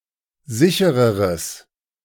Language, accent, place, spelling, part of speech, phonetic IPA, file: German, Germany, Berlin, sichereres, adjective, [ˈzɪçəʁəʁəs], De-sichereres.ogg
- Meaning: strong/mixed nominative/accusative neuter singular comparative degree of sicher